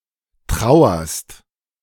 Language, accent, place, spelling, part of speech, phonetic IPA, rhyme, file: German, Germany, Berlin, trauerst, verb, [ˈtʁaʊ̯ɐst], -aʊ̯ɐst, De-trauerst.ogg
- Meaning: second-person singular present of trauern